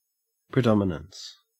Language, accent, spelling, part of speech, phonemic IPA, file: English, Australia, predominance, noun, /pɹəˈdɒmɪnəns/, En-au-predominance.ogg
- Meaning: The condition or state of being predominant; ascendancy, domination, preeminence, preponderance